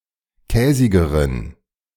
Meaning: inflection of käsig: 1. strong genitive masculine/neuter singular comparative degree 2. weak/mixed genitive/dative all-gender singular comparative degree
- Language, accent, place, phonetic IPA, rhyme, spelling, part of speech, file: German, Germany, Berlin, [ˈkɛːzɪɡəʁən], -ɛːzɪɡəʁən, käsigeren, adjective, De-käsigeren.ogg